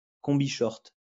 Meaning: playsuit
- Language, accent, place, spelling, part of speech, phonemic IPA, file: French, France, Lyon, combishort, noun, /kɔ̃.bi.ʃɔʁt/, LL-Q150 (fra)-combishort.wav